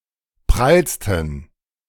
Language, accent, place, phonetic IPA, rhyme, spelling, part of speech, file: German, Germany, Berlin, [ˈpʁalstn̩], -alstn̩, prallsten, adjective, De-prallsten.ogg
- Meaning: 1. superlative degree of prall 2. inflection of prall: strong genitive masculine/neuter singular superlative degree